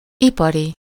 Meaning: industrial
- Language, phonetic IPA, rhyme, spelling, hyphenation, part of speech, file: Hungarian, [ˈipɒri], -ri, ipari, ipa‧ri, adjective, Hu-ipari.ogg